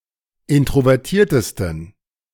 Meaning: 1. superlative degree of introvertiert 2. inflection of introvertiert: strong genitive masculine/neuter singular superlative degree
- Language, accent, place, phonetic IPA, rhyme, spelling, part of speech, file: German, Germany, Berlin, [ˌɪntʁovɛʁˈtiːɐ̯təstn̩], -iːɐ̯təstn̩, introvertiertesten, adjective, De-introvertiertesten.ogg